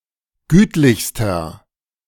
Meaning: inflection of gütlich: 1. strong/mixed nominative masculine singular superlative degree 2. strong genitive/dative feminine singular superlative degree 3. strong genitive plural superlative degree
- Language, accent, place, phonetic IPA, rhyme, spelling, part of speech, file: German, Germany, Berlin, [ˈɡyːtlɪçstɐ], -yːtlɪçstɐ, gütlichster, adjective, De-gütlichster.ogg